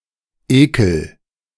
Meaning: inflection of ekeln: 1. first-person singular present 2. singular imperative
- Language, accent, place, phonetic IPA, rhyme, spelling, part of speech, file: German, Germany, Berlin, [ˈeːkl̩], -eːkl̩, ekel, adjective / verb, De-ekel.ogg